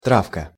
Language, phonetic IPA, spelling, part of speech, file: Russian, [ˈtrafkə], травка, noun, Ru-травка.ogg
- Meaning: 1. diminutive of трава́ (travá): grass 2. marijuana; any vegetative drug 3. etching (the process)